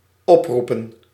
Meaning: 1. to call, invoke 2. to appeal to
- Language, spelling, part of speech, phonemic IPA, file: Dutch, oproepen, verb / noun, /ˈɔprupə(n)/, Nl-oproepen.ogg